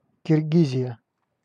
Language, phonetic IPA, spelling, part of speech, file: Russian, [kʲɪrˈɡʲizʲɪjə], Киргизия, proper noun, Ru-Киргизия.ogg
- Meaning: Kyrgyzstan (a country in Central Asia)